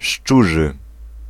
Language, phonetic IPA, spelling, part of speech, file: Polish, [ˈʃt͡ʃuʒɨ], szczurzy, adjective, Pl-szczurzy.ogg